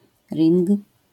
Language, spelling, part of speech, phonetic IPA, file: Polish, ring, noun, [rʲĩŋk], LL-Q809 (pol)-ring.wav